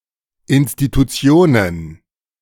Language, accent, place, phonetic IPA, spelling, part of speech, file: German, Germany, Berlin, [ʔɪnstituˈtsi̯oːnən], Institutionen, noun, De-Institutionen.ogg
- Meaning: plural of Institution